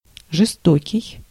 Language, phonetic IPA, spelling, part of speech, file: Russian, [ʐɨˈstokʲɪj], жестокий, adjective, Ru-жестокий.ogg
- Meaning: 1. cruel 2. brutal, savage